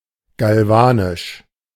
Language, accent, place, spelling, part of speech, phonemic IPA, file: German, Germany, Berlin, galvanisch, adjective, /ɡalˈvaːnɪʃ/, De-galvanisch.ogg
- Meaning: galvanic